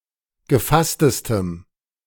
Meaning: strong dative masculine/neuter singular superlative degree of gefasst
- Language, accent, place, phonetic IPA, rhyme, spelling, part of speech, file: German, Germany, Berlin, [ɡəˈfastəstəm], -astəstəm, gefasstestem, adjective, De-gefasstestem.ogg